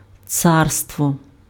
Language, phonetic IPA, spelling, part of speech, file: Ukrainian, [ˈt͡sarstwɔ], царство, noun, Uk-царство.ogg
- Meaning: 1. empire, kingdom; tsardom 2. rule 3. reign